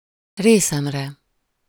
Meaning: first-person singular of részére
- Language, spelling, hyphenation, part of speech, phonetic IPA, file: Hungarian, részemre, ré‧szem‧re, pronoun, [ˈreːsɛmrɛ], Hu-részemre.ogg